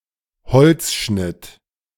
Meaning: woodcut
- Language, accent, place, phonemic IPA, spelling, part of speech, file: German, Germany, Berlin, /hɔlt͡sˈʃnɪt/, Holzschnitt, noun, De-Holzschnitt.ogg